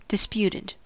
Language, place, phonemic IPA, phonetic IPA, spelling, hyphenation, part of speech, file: English, California, /dɪsˈpjutɪd/, [dɪsˈpjuɾɪd], disputed, dis‧put‧ed, adjective / verb, En-us-disputed.ogg
- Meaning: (adjective) 1. Argued; not certain, agreed upon, or accepted 2. Claimed by more than one sovereign state; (verb) simple past and past participle of dispute